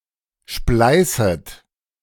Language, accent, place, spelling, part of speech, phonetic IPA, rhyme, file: German, Germany, Berlin, spleißet, verb, [ˈʃplaɪ̯sət], -aɪ̯sət, De-spleißet.ogg
- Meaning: second-person plural subjunctive I of spleißen